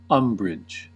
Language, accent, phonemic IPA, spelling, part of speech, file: English, US, /ˈʌm.bɹɪd͡ʒ/, umbrage, noun / verb, En-us-umbrage.ogg
- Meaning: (noun) 1. A feeling of anger or annoyance caused by something offensive 2. A feeling of doubt 3. Leaves that provide shade, as the foliage of trees 4. Shadow; shade